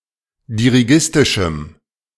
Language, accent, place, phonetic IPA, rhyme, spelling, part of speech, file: German, Germany, Berlin, [diʁiˈɡɪstɪʃm̩], -ɪstɪʃm̩, dirigistischem, adjective, De-dirigistischem.ogg
- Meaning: strong dative masculine/neuter singular of dirigistisch